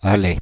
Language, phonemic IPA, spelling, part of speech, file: French, /a.lɛ/, allais, verb, Fr-allais.ogg
- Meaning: first/second-person singular imperfect indicative of aller